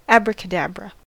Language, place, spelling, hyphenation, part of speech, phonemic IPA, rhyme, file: English, California, abracadabra, ab‧ra‧ca‧dab‧ra, noun / interjection, /ˌæbɹəkəˈdæbɹə/, -æbɹə, En-us-abracadabra.ogg
- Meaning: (noun) A use of the mystical term ‘abracadabra’, supposed to work as part of a healing charm or a magical spell; any spell or incantation making use of the word